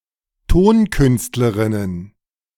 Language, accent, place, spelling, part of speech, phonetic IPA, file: German, Germany, Berlin, Tonkünstlerinnen, noun, [ˈtoːnˌkʏnstləʁɪnən], De-Tonkünstlerinnen.ogg
- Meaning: plural of Tonkünstlerin